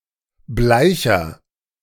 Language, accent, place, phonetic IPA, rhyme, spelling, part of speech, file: German, Germany, Berlin, [ˈblaɪ̯çɐ], -aɪ̯çɐ, bleicher, adjective, De-bleicher.ogg
- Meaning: inflection of bleich: 1. strong/mixed nominative masculine singular 2. strong genitive/dative feminine singular 3. strong genitive plural